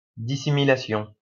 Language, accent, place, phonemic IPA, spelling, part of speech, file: French, France, Lyon, /di.si.mi.la.sjɔ̃/, dissimilation, noun, LL-Q150 (fra)-dissimilation.wav
- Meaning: dissimilation